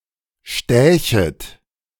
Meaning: second-person plural subjunctive II of stechen
- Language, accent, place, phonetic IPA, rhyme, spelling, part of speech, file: German, Germany, Berlin, [ˈʃtɛːçət], -ɛːçət, stächet, verb, De-stächet.ogg